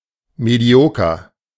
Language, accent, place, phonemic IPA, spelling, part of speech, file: German, Germany, Berlin, /ˌmeˈdi̯oːkɐ/, medioker, adjective, De-medioker.ogg
- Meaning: mediocre (mainly in terms of the quality of someone's work or character)